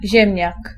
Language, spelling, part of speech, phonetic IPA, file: Polish, ziemniak, noun, [ˈʑɛ̃mʲɲak], Pl-ziemniak.ogg